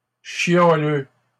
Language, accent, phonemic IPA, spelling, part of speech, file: French, Canada, /ʃja.lø/, chialeux, adjective / noun, LL-Q150 (fra)-chialeux.wav
- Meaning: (adjective) who is complaining often; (noun) someone who is complaining often